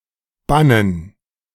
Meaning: 1. gerund of bannen 2. dative plural of Bann
- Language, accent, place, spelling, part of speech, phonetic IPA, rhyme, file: German, Germany, Berlin, Bannen, noun, [ˈbanən], -anən, De-Bannen.ogg